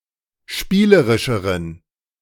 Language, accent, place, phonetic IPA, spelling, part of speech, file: German, Germany, Berlin, [ˈʃpiːləʁɪʃəʁən], spielerischeren, adjective, De-spielerischeren.ogg
- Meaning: inflection of spielerisch: 1. strong genitive masculine/neuter singular comparative degree 2. weak/mixed genitive/dative all-gender singular comparative degree